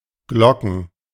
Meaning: plural of Glocke
- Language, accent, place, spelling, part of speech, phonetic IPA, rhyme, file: German, Germany, Berlin, Glocken, noun, [ˈɡlɔkn̩], -ɔkn̩, De-Glocken.ogg